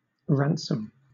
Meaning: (noun) 1. Money paid for the freeing of a hostage 2. The release of a captive, or of captured property, by payment of a consideration
- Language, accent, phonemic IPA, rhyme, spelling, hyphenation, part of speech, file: English, Southern England, /ˈɹæn.səm/, -ænsəm, ransom, ran‧som, noun / verb, LL-Q1860 (eng)-ransom.wav